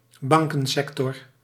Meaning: bank sector
- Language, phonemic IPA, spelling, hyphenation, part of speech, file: Dutch, /ˈbɑŋ.kə(n)ˌsɛk.tɔr/, bankensector, ban‧ken‧sec‧tor, noun, Nl-bankensector.ogg